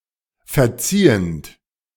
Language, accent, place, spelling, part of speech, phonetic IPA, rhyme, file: German, Germany, Berlin, verziehend, verb, [fɛɐ̯ˈt͡siːənt], -iːənt, De-verziehend.ogg
- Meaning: present participle of verziehen